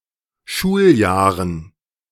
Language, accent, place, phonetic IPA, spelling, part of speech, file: German, Germany, Berlin, [ˈʃuːlˌjaːʁən], Schuljahren, noun, De-Schuljahren.ogg
- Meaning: dative plural of Schuljahr